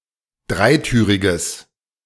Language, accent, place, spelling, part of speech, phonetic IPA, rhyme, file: German, Germany, Berlin, dreitüriges, adjective, [ˈdʁaɪ̯ˌtyːʁɪɡəs], -aɪ̯tyːʁɪɡəs, De-dreitüriges.ogg
- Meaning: strong/mixed nominative/accusative neuter singular of dreitürig